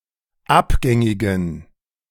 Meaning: inflection of abgängig: 1. strong genitive masculine/neuter singular 2. weak/mixed genitive/dative all-gender singular 3. strong/weak/mixed accusative masculine singular 4. strong dative plural
- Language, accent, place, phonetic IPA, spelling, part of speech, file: German, Germany, Berlin, [ˈapˌɡɛŋɪɡn̩], abgängigen, adjective, De-abgängigen.ogg